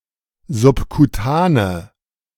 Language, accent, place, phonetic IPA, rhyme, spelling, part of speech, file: German, Germany, Berlin, [zʊpkuˈtaːnə], -aːnə, subkutane, adjective, De-subkutane.ogg
- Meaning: inflection of subkutan: 1. strong/mixed nominative/accusative feminine singular 2. strong nominative/accusative plural 3. weak nominative all-gender singular